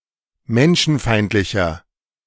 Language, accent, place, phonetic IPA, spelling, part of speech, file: German, Germany, Berlin, [ˈmɛnʃn̩ˌfaɪ̯ntlɪçɐ], menschenfeindlicher, adjective, De-menschenfeindlicher.ogg
- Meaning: 1. comparative degree of menschenfeindlich 2. inflection of menschenfeindlich: strong/mixed nominative masculine singular 3. inflection of menschenfeindlich: strong genitive/dative feminine singular